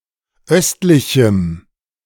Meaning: strong dative masculine/neuter singular of östlich
- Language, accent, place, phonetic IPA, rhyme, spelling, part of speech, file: German, Germany, Berlin, [ˈœstlɪçm̩], -œstlɪçm̩, östlichem, adjective, De-östlichem.ogg